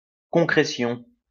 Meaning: concretion
- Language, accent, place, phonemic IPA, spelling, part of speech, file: French, France, Lyon, /kɔ̃.kʁe.sjɔ̃/, concrétion, noun, LL-Q150 (fra)-concrétion.wav